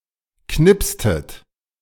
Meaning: inflection of knipsen: 1. second-person plural preterite 2. second-person plural subjunctive II
- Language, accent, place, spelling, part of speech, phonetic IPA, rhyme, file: German, Germany, Berlin, knipstet, verb, [ˈknɪpstət], -ɪpstət, De-knipstet.ogg